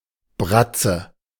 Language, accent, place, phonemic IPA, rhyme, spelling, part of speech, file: German, Germany, Berlin, /ˈbʁat͡sə/, -atsə, Bratze, noun, De-Bratze.ogg
- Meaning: 1. forepaw of an animal (e.g. wild ones like lion and bear, but also of tamed ones like dog and cat) 2. misshapen, coarse hand 3. (very) unattractive woman